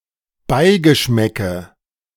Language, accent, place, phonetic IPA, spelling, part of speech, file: German, Germany, Berlin, [ˈbaɪ̯ɡəˌʃmɛkə], Beigeschmäcke, noun, De-Beigeschmäcke.ogg
- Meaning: nominative/accusative/genitive plural of Beigeschmack